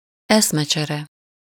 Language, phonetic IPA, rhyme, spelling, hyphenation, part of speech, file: Hungarian, [ˈɛsmɛt͡ʃɛrɛ], -rɛ, eszmecsere, esz‧me‧cse‧re, noun, Hu-eszmecsere.ogg
- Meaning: exchange of ideas, exchange of views, discussion